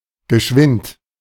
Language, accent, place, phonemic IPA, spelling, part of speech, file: German, Germany, Berlin, /ɡəˈʃvɪnt/, geschwind, adjective, De-geschwind.ogg
- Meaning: quick, fast, swift